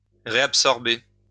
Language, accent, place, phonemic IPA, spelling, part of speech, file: French, France, Lyon, /ʁe.ap.sɔʁ.be/, réabsorber, verb, LL-Q150 (fra)-réabsorber.wav
- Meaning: to reabsorb